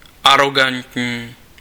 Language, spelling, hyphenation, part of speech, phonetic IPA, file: Czech, arogantní, aro‧gant‧ní, adjective, [ˈaroɡantɲiː], Cs-arogantní.ogg
- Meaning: arrogant